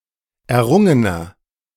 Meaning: inflection of errungen: 1. strong/mixed nominative masculine singular 2. strong genitive/dative feminine singular 3. strong genitive plural
- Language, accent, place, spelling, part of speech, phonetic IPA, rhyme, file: German, Germany, Berlin, errungener, adjective, [ɛɐ̯ˈʁʊŋənɐ], -ʊŋənɐ, De-errungener.ogg